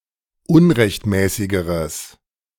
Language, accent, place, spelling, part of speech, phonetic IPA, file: German, Germany, Berlin, unrechtmäßigeres, adjective, [ˈʊnʁɛçtˌmɛːsɪɡəʁəs], De-unrechtmäßigeres.ogg
- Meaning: strong/mixed nominative/accusative neuter singular comparative degree of unrechtmäßig